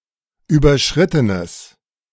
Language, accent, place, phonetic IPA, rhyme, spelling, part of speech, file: German, Germany, Berlin, [ˌyːbɐˈʃʁɪtənəs], -ɪtənəs, überschrittenes, adjective, De-überschrittenes.ogg
- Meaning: strong/mixed nominative/accusative neuter singular of überschritten